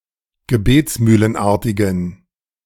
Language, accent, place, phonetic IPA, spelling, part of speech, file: German, Germany, Berlin, [ɡəˈbeːt͡smyːlənˌʔaʁtɪɡn̩], gebetsmühlenartigen, adjective, De-gebetsmühlenartigen.ogg
- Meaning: inflection of gebetsmühlenartig: 1. strong genitive masculine/neuter singular 2. weak/mixed genitive/dative all-gender singular 3. strong/weak/mixed accusative masculine singular